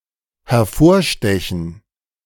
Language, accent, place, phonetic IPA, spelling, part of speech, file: German, Germany, Berlin, [hɛɐ̯ˈfoːɐ̯ˌʃtɛçn̩], hervorstechen, verb, De-hervorstechen.ogg
- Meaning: to stick out